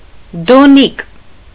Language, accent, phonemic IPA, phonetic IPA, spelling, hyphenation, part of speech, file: Armenian, Eastern Armenian, /doˈnik/, [doník], դոնիկ, դո‧նիկ, noun, Hy-դոնիկ.ogg
- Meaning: kind of longish bread